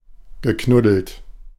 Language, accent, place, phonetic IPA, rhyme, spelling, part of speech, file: German, Germany, Berlin, [ɡəˈknʊdl̩t], -ʊdl̩t, geknuddelt, verb, De-geknuddelt.ogg
- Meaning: past participle of knuddeln